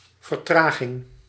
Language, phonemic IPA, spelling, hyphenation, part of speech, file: Dutch, /vərˈtraːɣɪŋ/, vertraging, ver‧tra‧ging, noun, Nl-vertraging.ogg
- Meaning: 1. delay 2. deceleration